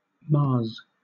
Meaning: third-person singular simple present indicative of maa
- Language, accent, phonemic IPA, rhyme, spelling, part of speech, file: English, Southern England, /mɑːz/, -ɑːz, maas, verb, LL-Q1860 (eng)-maas.wav